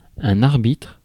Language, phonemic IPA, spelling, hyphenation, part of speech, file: French, /aʁ.bitʁ/, arbitre, ar‧bitre, noun, Fr-arbitre.ogg
- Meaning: 1. mediator, arbitrator 2. referee 3. the will